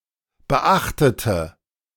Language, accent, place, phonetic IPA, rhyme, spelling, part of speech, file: German, Germany, Berlin, [bəˈʔaxtətə], -axtətə, beachtete, adjective / verb, De-beachtete.ogg
- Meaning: inflection of beachten: 1. first/third-person singular preterite 2. first/third-person singular subjunctive II